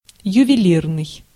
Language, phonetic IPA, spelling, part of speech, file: Russian, [jʉvʲɪˈlʲirnɨj], ювелирный, adjective, Ru-ювелирный.ogg
- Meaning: 1. jewelry 2. jeweler's 3. fine, minute, well-made, intricate